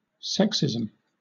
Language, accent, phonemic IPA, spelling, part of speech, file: English, Southern England, /ˈsɛksɪzm̩/, sexism, noun, LL-Q1860 (eng)-sexism.wav
- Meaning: The belief that people of one sex (or gender) are inherently different from those of another sex, and generally that one sex is superior to others